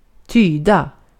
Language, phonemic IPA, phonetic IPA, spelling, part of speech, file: Swedish, /²tyːda/, [²t̪ʰyːd̪a], tyda, verb, Sv-tyda.ogg
- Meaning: 1. to interpret; to understand the meaning of 2. to indicate; to give a hint about an otherwise unknown fact